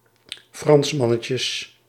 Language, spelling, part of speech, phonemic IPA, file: Dutch, Fransmannetjes, noun, /ˈfrɑnsmɑnəcəs/, Nl-Fransmannetjes.ogg
- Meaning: plural of Fransmannetje